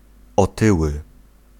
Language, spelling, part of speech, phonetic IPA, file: Polish, otyły, adjective / noun, [ɔˈtɨwɨ], Pl-otyły.ogg